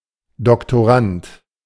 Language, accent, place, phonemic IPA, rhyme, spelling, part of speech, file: German, Germany, Berlin, /dɔktoˈʁant/, -ant, Doktorand, noun, De-Doktorand.ogg
- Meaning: doctoral student, PhD student, doctorand